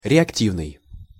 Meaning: 1. reactive 2. jet, impulse, pulse; jet-propelled 3. rocket
- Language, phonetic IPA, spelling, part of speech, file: Russian, [rʲɪɐkˈtʲivnɨj], реактивный, adjective, Ru-реактивный.ogg